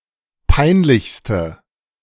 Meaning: inflection of peinlich: 1. strong/mixed nominative/accusative feminine singular superlative degree 2. strong nominative/accusative plural superlative degree
- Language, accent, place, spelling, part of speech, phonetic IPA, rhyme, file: German, Germany, Berlin, peinlichste, adjective, [ˈpaɪ̯nˌlɪçstə], -aɪ̯nlɪçstə, De-peinlichste.ogg